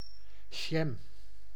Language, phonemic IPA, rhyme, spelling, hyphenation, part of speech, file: Dutch, /ʒɛm/, -ɛm, jam, jam, noun, Nl-jam.ogg
- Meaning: jam (congealed sweet mixture of conserved fruits)